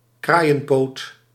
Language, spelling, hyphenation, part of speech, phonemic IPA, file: Dutch, kraaienpoot, kraai‧en‧poot, noun, /ˈkraːi̯.ə(n)ˌpoːt/, Nl-kraaienpoot.ogg
- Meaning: 1. leg or foot of a crow 2. caltrop, crow's foot